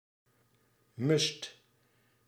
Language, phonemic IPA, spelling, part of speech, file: Dutch, /mʏst/, must, noun, Nl-must.ogg
- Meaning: a must (necessity, prerequisite)